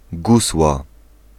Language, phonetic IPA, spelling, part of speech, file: Polish, [ˈɡuswa], gusła, noun, Pl-gusła.ogg